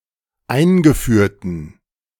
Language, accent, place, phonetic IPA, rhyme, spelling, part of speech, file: German, Germany, Berlin, [ˈaɪ̯nɡəˌfyːɐ̯tn̩], -aɪ̯nɡəfyːɐ̯tn̩, eingeführten, adjective, De-eingeführten.ogg
- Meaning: inflection of eingeführt: 1. strong genitive masculine/neuter singular 2. weak/mixed genitive/dative all-gender singular 3. strong/weak/mixed accusative masculine singular 4. strong dative plural